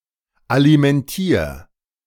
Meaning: 1. singular imperative of alimentieren 2. first-person singular present of alimentieren
- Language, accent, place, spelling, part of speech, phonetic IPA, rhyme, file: German, Germany, Berlin, alimentier, verb, [alimɛnˈtiːɐ̯], -iːɐ̯, De-alimentier.ogg